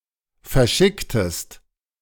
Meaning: inflection of verschicken: 1. second-person singular preterite 2. second-person singular subjunctive II
- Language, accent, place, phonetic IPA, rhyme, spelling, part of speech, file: German, Germany, Berlin, [fɛɐ̯ˈʃɪktəst], -ɪktəst, verschicktest, verb, De-verschicktest.ogg